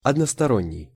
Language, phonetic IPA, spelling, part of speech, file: Russian, [ɐdnəstɐˈronʲːɪj], односторонний, adjective, Ru-односторонний.ogg
- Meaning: unilateral, one-sided